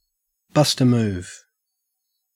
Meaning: 1. To dance 2. To initiate an action, such as a departure, attack, etc
- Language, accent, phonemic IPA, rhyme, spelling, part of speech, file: English, Australia, /ˈbʌst ə ˈmuːv/, -uːv, bust a move, verb, En-au-bust a move.ogg